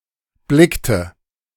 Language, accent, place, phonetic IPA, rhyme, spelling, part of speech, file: German, Germany, Berlin, [ˈblɪktə], -ɪktə, blickte, verb, De-blickte.ogg
- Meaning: inflection of blicken: 1. first/third-person singular preterite 2. first/third-person singular subjunctive II